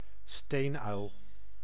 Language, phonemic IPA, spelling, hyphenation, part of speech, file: Dutch, /ˈsteːn.œy̯l/, steenuil, steen‧uil, noun, Nl-steenuil.ogg
- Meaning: the little owl (Athene noctua)